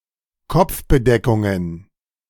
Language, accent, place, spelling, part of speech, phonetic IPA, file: German, Germany, Berlin, Kopfbedeckungen, noun, [ˈkɔp͡fbədɛkʊŋən], De-Kopfbedeckungen.ogg
- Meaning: plural of Kopfbedeckung